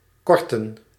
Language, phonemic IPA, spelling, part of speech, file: Dutch, /ˈkɔrtə(n)/, korten, verb, Nl-korten.ogg
- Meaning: 1. to shorten 2. to reduce in money (especially income)